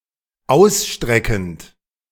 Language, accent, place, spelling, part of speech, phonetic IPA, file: German, Germany, Berlin, ausstreckend, verb, [ˈaʊ̯sˌʃtʁɛkənt], De-ausstreckend.ogg
- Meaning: present participle of ausstrecken